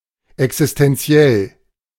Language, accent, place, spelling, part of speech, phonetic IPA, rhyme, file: German, Germany, Berlin, existentiell, adjective, [ɛksɪstɛnˈt͡si̯ɛl], -ɛl, De-existentiell.ogg
- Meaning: alternative spelling of existenziell